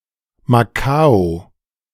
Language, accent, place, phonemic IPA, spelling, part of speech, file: German, Germany, Berlin, /maˈkao̯/, Macao, proper noun, De-Macao.ogg
- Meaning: Macau (a city, special administrative region, and peninsula in China, west of Hong Kong)